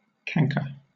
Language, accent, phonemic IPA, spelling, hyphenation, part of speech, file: English, Southern England, /ˈkæŋkə/, canker, can‧ker, noun / verb, LL-Q1860 (eng)-canker.wav
- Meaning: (noun) 1. A plant disease marked by gradual decay 2. A region of dead plant tissue caused by such a disease 3. A worm or grub that destroys plant buds or leaves; cankerworm